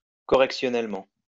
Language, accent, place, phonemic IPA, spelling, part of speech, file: French, France, Lyon, /kɔ.ʁɛk.sjɔ.nɛl.mɑ̃/, correctionnellement, adverb, LL-Q150 (fra)-correctionnellement.wav
- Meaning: correctionally